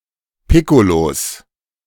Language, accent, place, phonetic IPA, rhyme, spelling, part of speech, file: German, Germany, Berlin, [ˈpɪkolos], -ɪkolos, Piccolos, noun, De-Piccolos.ogg
- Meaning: plural of Piccolo